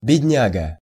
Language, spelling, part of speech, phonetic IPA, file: Russian, бедняга, noun, [bʲɪdʲˈnʲaɡə], Ru-бедняга.ogg
- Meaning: poor fellow, poor devil, wretch